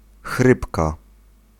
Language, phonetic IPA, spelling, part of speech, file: Polish, [ˈxrɨpka], chrypka, noun, Pl-chrypka.ogg